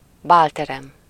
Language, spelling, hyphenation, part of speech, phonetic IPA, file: Hungarian, bálterem, bál‧te‧rem, noun, [ˈbaːltɛrɛm], Hu-bálterem.ogg
- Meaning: ballroom